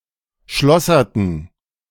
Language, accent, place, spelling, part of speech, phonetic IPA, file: German, Germany, Berlin, schlosserten, verb, [ˈʃlɔsɐtn̩], De-schlosserten.ogg
- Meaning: inflection of schlossern: 1. first/third-person plural preterite 2. first/third-person plural subjunctive II